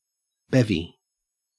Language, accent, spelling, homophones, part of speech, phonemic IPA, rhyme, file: English, Australia, bevy, bevvy, noun, /ˈbɛvi/, -ɛvi, En-au-bevy.ogg
- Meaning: 1. A group of animals, especially quail, roe deer or other game 2. A group, especially a large group, and especially a group of attractive girls or women 3. Alternative form of bevvy